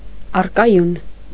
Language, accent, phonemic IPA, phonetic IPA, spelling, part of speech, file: Armenian, Eastern Armenian, /ɑrkɑˈjun/, [ɑrkɑjún], առկայուն, adjective, Hy-առկայուն.ogg
- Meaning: synonym of կայուն (kayun)